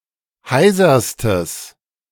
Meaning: strong/mixed nominative/accusative neuter singular superlative degree of heiser
- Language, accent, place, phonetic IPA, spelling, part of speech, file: German, Germany, Berlin, [ˈhaɪ̯zɐstəs], heiserstes, adjective, De-heiserstes.ogg